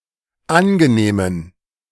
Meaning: inflection of angenehm: 1. strong genitive masculine/neuter singular 2. weak/mixed genitive/dative all-gender singular 3. strong/weak/mixed accusative masculine singular 4. strong dative plural
- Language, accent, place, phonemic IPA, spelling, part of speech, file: German, Germany, Berlin, /ˈanɡəˌneːmən/, angenehmen, adjective, De-angenehmen.ogg